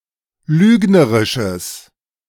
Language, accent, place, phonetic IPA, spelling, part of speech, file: German, Germany, Berlin, [ˈlyːɡnəʁɪʃəs], lügnerisches, adjective, De-lügnerisches.ogg
- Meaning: strong/mixed nominative/accusative neuter singular of lügnerisch